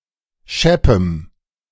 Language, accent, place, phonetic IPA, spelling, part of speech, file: German, Germany, Berlin, [ˈʃɛpəm], scheppem, adjective, De-scheppem.ogg
- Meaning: strong dative masculine/neuter singular of schepp